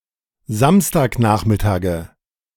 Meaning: nominative/accusative/genitive plural of Samstagnachmittag
- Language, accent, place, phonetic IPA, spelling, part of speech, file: German, Germany, Berlin, [ˈzamstaːkˌnaːxmɪtaːɡə], Samstagnachmittage, noun, De-Samstagnachmittage.ogg